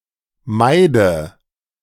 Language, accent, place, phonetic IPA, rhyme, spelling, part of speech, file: German, Germany, Berlin, [ˈmaɪ̯də], -aɪ̯də, meide, verb, De-meide.ogg
- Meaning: inflection of meiden: 1. first-person singular present 2. first/third-person singular subjunctive I 3. singular imperative